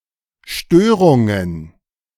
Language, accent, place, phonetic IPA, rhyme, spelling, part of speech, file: German, Germany, Berlin, [ˈʃtøːʁʊŋən], -øːʁʊŋən, Störungen, noun, De-Störungen.ogg
- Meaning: plural of Störung